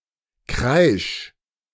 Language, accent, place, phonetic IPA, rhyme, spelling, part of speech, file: German, Germany, Berlin, [kʁaɪ̯ʃ], -aɪ̯ʃ, kreisch, verb, De-kreisch.ogg
- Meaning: 1. singular imperative of kreischen 2. first-person singular present of kreischen